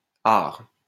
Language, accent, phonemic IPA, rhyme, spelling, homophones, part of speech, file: French, France, /aʁ/, -aʁ, arrhes, Aar / are / ares / arrhe / arrhent / ars / art / arts / hare / hares / hart / harts, noun, LL-Q150 (fra)-arrhes.wav
- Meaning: down payment; deposit